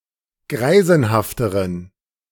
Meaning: inflection of greisenhaft: 1. strong genitive masculine/neuter singular comparative degree 2. weak/mixed genitive/dative all-gender singular comparative degree
- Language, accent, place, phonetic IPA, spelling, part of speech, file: German, Germany, Berlin, [ˈɡʁaɪ̯zn̩haftəʁən], greisenhafteren, adjective, De-greisenhafteren.ogg